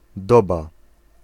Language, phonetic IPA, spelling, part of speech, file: Polish, [ˈdɔba], doba, noun, Pl-doba.ogg